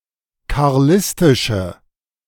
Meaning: inflection of karlistisch: 1. strong/mixed nominative/accusative feminine singular 2. strong nominative/accusative plural 3. weak nominative all-gender singular
- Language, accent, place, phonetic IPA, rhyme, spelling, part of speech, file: German, Germany, Berlin, [kaʁˈlɪstɪʃə], -ɪstɪʃə, karlistische, adjective, De-karlistische.ogg